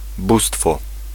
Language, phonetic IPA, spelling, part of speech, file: Polish, [ˈbustfɔ], bóstwo, noun, Pl-bóstwo.ogg